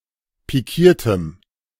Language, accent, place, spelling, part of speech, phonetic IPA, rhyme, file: German, Germany, Berlin, pikiertem, adjective, [piˈkiːɐ̯təm], -iːɐ̯təm, De-pikiertem.ogg
- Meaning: strong dative masculine/neuter singular of pikiert